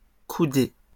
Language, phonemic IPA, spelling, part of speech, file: French, /ku.de/, coudée, noun, LL-Q150 (fra)-coudée.wav
- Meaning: cubit